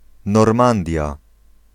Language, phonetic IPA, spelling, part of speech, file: Polish, [nɔrˈmãndʲja], Normandia, proper noun, Pl-Normandia.ogg